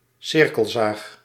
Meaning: a circular saw
- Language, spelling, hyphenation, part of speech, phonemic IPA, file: Dutch, cirkelzaag, cir‧kel‧zaag, noun, /ˈsɪr.kəlˌzaːx/, Nl-cirkelzaag.ogg